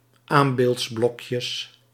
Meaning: plural of aambeeldsblokje
- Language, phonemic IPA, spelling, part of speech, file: Dutch, /ˈambeltsˌblɔkjəs/, aambeeldsblokjes, noun, Nl-aambeeldsblokjes.ogg